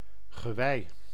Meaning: an antler or a set of antlers, the bony structure(s) on the head of deer, moose or other antilope species
- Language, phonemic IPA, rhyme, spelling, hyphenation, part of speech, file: Dutch, /ɣəˈʋɛi̯/, -ɛi̯, gewei, ge‧wei, noun, Nl-gewei.ogg